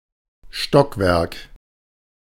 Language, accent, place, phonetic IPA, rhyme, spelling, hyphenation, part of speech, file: German, Germany, Berlin, [ˈʃtɔkˌvɛʁk], -ɛʁk, Stockwerk, Stock‧werk, noun, De-Stockwerk.ogg
- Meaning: floor, storey, level (of a building)